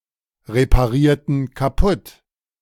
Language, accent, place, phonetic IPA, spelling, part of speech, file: German, Germany, Berlin, [ʁepaˌʁiːɐ̯tn̩ kaˈpʊt], reparierten kaputt, verb, De-reparierten kaputt.ogg
- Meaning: inflection of kaputtreparieren: 1. first/third-person plural preterite 2. first/third-person plural subjunctive II